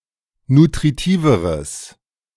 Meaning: strong/mixed nominative/accusative neuter singular comparative degree of nutritiv
- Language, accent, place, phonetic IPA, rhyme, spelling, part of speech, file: German, Germany, Berlin, [nutʁiˈtiːvəʁəs], -iːvəʁəs, nutritiveres, adjective, De-nutritiveres.ogg